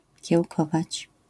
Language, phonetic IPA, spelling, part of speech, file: Polish, [cɛwˈkɔvat͡ɕ], kiełkować, verb, LL-Q809 (pol)-kiełkować.wav